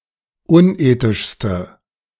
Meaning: inflection of unethisch: 1. strong/mixed nominative/accusative feminine singular superlative degree 2. strong nominative/accusative plural superlative degree
- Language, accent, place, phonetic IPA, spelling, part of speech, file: German, Germany, Berlin, [ˈʊnˌʔeːtɪʃstə], unethischste, adjective, De-unethischste.ogg